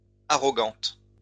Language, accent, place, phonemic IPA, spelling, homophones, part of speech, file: French, France, Lyon, /a.ʁɔ.ɡɑ̃t/, arrogante, arrogantes, adjective, LL-Q150 (fra)-arrogante.wav
- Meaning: feminine singular of arrogant